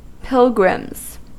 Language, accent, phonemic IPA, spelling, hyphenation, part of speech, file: English, US, /ˈpɪlɡɹɪmz/, pilgrims, pil‧grims, noun, En-us-pilgrims.ogg
- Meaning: plural of pilgrim